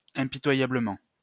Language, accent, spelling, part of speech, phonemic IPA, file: French, France, impitoyablement, adverb, /ɛ̃.pi.twa.ja.blə.mɑ̃/, LL-Q150 (fra)-impitoyablement.wav
- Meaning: ruthlessly, mercilessly